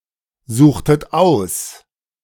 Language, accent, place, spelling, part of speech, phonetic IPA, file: German, Germany, Berlin, suchtet aus, verb, [ˌzuːxtət ˈaʊ̯s], De-suchtet aus.ogg
- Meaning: inflection of aussuchen: 1. second-person plural preterite 2. second-person plural subjunctive II